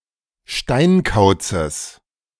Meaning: genitive of Steinkauz
- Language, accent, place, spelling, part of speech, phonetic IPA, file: German, Germany, Berlin, Steinkauzes, noun, [ˈʃtaɪ̯nˌkaʊ̯t͡səs], De-Steinkauzes.ogg